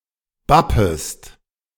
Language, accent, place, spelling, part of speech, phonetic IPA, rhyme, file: German, Germany, Berlin, bappest, verb, [ˈbapəst], -apəst, De-bappest.ogg
- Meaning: second-person singular subjunctive I of bappen